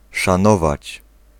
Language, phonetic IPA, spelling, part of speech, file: Polish, [ʃãˈnɔvat͡ɕ], szanować, verb, Pl-szanować.ogg